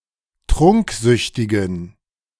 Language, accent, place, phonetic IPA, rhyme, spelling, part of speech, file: German, Germany, Berlin, [ˈtʁʊŋkˌzʏçtɪɡn̩], -ʊŋkzʏçtɪɡn̩, trunksüchtigen, adjective, De-trunksüchtigen.ogg
- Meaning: inflection of trunksüchtig: 1. strong genitive masculine/neuter singular 2. weak/mixed genitive/dative all-gender singular 3. strong/weak/mixed accusative masculine singular 4. strong dative plural